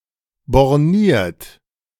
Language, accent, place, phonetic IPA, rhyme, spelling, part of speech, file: German, Germany, Berlin, [bɔʁˈniːɐ̯t], -iːɐ̯t, borniert, adjective, De-borniert.ogg
- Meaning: narrow-minded